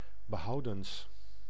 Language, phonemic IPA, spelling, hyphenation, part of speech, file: Dutch, /bəˈɦɑu̯.dəns/, behoudens, be‧hou‧dens, preposition, Nl-behoudens.ogg
- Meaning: except for